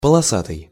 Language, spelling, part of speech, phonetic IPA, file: Russian, полосатый, adjective, [pəɫɐˈsatɨj], Ru-полосатый.ogg
- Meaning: striped, stripy